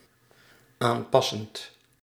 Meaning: present participle of aanpassen
- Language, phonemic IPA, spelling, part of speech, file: Dutch, /ˈampɑsənt/, aanpassend, verb, Nl-aanpassend.ogg